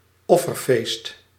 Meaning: an Islamic festival commemorating the prophet Ibrahim's willingness to sacrifice his son Ismail to Allah; Eid al-Adha
- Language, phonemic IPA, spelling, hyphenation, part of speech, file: Dutch, /ˈɔ.fərˌfeːst/, Offerfeest, Of‧fer‧feest, proper noun, Nl-Offerfeest.ogg